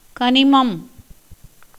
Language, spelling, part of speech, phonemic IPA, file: Tamil, கனிமம், noun, /kɐnɪmɐm/, Ta-கனிமம்.ogg
- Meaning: mineral